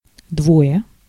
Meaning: two (in a group together), two of them
- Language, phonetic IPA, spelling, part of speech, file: Russian, [ˈdvoje], двое, numeral, Ru-двое.ogg